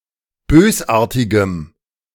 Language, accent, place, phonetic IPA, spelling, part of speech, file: German, Germany, Berlin, [ˈbøːsˌʔaːɐ̯tɪɡəm], bösartigem, adjective, De-bösartigem.ogg
- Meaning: strong dative masculine/neuter singular of bösartig